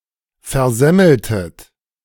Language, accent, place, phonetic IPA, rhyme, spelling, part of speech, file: German, Germany, Berlin, [fɛɐ̯ˈzɛml̩tət], -ɛml̩tət, versemmeltet, verb, De-versemmeltet.ogg
- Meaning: inflection of versemmeln: 1. second-person plural preterite 2. second-person plural subjunctive II